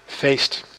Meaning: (noun) 1. party 2. feast 3. celebration; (verb) inflection of feesten: 1. first/second/third-person singular present indicative 2. imperative
- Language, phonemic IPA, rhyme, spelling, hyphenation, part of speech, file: Dutch, /feːst/, -eːst, feest, feest, noun / verb, Nl-feest.ogg